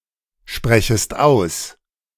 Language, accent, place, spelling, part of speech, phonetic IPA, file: German, Germany, Berlin, sprechest aus, verb, [ˌʃpʁɛçəst ˈaʊ̯s], De-sprechest aus.ogg
- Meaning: second-person singular subjunctive I of aussprechen